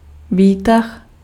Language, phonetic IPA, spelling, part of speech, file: Czech, [ˈviːtax], výtah, noun, Cs-výtah.ogg
- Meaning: 1. lift (British), elevator (North America) 2. summary, abstract